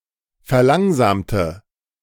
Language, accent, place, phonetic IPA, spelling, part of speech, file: German, Germany, Berlin, [fɛɐ̯ˈlaŋzaːmtə], verlangsamte, adjective / verb, De-verlangsamte.ogg
- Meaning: inflection of verlangsamen: 1. first/third-person singular preterite 2. first/third-person singular subjunctive II